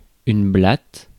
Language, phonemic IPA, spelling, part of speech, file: French, /blat/, blatte, noun, Fr-blatte.ogg
- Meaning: cockroach